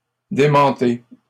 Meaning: inflection of démentir: 1. second-person plural present indicative 2. second-person plural imperative
- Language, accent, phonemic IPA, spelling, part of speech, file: French, Canada, /de.mɑ̃.te/, démentez, verb, LL-Q150 (fra)-démentez.wav